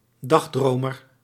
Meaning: daydreamer
- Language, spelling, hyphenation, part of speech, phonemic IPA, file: Dutch, dagdromer, dag‧dro‧mer, noun, /ˈdɑxˌdroː.mər/, Nl-dagdromer.ogg